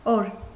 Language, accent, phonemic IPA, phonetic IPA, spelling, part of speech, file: Armenian, Eastern Armenian, /oɾ/, [oɾ], օր, noun, Hy-օր.ogg
- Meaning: day